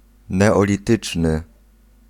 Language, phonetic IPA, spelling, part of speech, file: Polish, [ˌnɛɔlʲiˈtɨt͡ʃnɨ], neolityczny, adjective, Pl-neolityczny.ogg